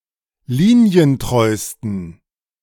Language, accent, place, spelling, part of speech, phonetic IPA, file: German, Germany, Berlin, linientreusten, adjective, [ˈliːni̯ənˌtʁɔɪ̯stn̩], De-linientreusten.ogg
- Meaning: 1. superlative degree of linientreu 2. inflection of linientreu: strong genitive masculine/neuter singular superlative degree